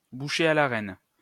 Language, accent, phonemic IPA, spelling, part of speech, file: French, France, /bu.ʃe a la ʁɛn/, bouchée à la reine, noun, LL-Q150 (fra)-bouchée à la reine.wav
- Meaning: a kind of filled vol-au-vent, served hot